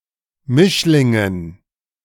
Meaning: dative plural of Mischling
- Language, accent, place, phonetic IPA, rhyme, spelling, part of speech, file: German, Germany, Berlin, [ˈmɪʃlɪŋən], -ɪʃlɪŋən, Mischlingen, noun, De-Mischlingen.ogg